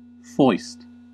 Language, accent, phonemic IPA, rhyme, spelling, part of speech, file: English, US, /fɔɪst/, -ɔɪst, foist, verb / noun, En-us-foist.ogg
- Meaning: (verb) 1. To introduce or insert surreptitiously or without warrant 2. To force another to accept especially by stealth or deceit; to stick 3. To pass off as genuine or worthy